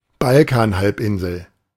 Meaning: Balkan Peninsula (a geographic region and large peninsula in southeastern Europe)
- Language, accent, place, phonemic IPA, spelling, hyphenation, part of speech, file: German, Germany, Berlin, /ˈbal.kanˌhalpˌ(ʔ)ɪn.zəl/, Balkanhalbinsel, Bal‧kan‧halb‧in‧sel, proper noun, De-Balkanhalbinsel.ogg